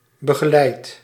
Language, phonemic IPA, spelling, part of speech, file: Dutch, /bəɣəˈlɛit/, begeleid, verb / adjective, Nl-begeleid.ogg
- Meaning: inflection of begeleiden: 1. first-person singular present indicative 2. second-person singular present indicative 3. imperative